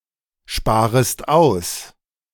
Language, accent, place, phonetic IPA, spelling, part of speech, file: German, Germany, Berlin, [ˌʃpaːʁəst ˈaʊ̯s], sparest aus, verb, De-sparest aus.ogg
- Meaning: second-person singular subjunctive I of aussparen